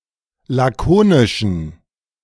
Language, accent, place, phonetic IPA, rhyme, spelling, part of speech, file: German, Germany, Berlin, [ˌlaˈkoːnɪʃn̩], -oːnɪʃn̩, lakonischen, adjective, De-lakonischen.ogg
- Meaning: inflection of lakonisch: 1. strong genitive masculine/neuter singular 2. weak/mixed genitive/dative all-gender singular 3. strong/weak/mixed accusative masculine singular 4. strong dative plural